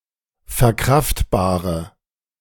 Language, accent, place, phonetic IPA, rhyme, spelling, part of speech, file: German, Germany, Berlin, [fɛɐ̯ˈkʁaftbaːʁə], -aftbaːʁə, verkraftbare, adjective, De-verkraftbare.ogg
- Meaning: inflection of verkraftbar: 1. strong/mixed nominative/accusative feminine singular 2. strong nominative/accusative plural 3. weak nominative all-gender singular